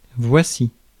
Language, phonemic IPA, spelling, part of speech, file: French, /vwa.si/, voici, verb / preposition, Fr-voici.ogg
- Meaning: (verb) 1. here (it) is 2. here (it) is: introduces something or someone through its action 3. expresses something in the making or that is happening; used with pronouns, can serve as a loose copula